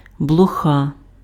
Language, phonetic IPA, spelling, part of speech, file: Ukrainian, [bɫɔˈxa], блоха, noun, Uk-блоха.ogg
- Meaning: flea